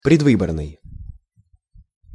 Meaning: preelection, election
- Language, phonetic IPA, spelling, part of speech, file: Russian, [prʲɪdˈvɨbərnɨj], предвыборный, adjective, Ru-предвыборный.ogg